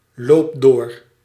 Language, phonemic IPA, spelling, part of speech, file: Dutch, /lopˈdo̝r/, loop door, verb, Nl-loop door.ogg
- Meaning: inflection of doorlopen: 1. first-person singular present indicative 2. second-person singular present indicative 3. imperative